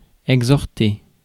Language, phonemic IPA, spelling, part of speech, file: French, /ɛɡ.zɔʁ.te/, exhorter, verb, Fr-exhorter.ogg
- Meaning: to exhort